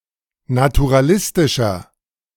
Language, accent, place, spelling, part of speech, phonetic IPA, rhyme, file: German, Germany, Berlin, naturalistischer, adjective, [natuʁaˈlɪstɪʃɐ], -ɪstɪʃɐ, De-naturalistischer.ogg
- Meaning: 1. comparative degree of naturalistisch 2. inflection of naturalistisch: strong/mixed nominative masculine singular 3. inflection of naturalistisch: strong genitive/dative feminine singular